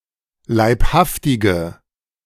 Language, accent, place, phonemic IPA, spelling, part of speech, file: German, Germany, Berlin, /laɪ̯pˈhaftɪɡə/, Leibhaftige, proper noun, De-Leibhaftige.ogg
- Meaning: weak nominative singular of Leibhaftiger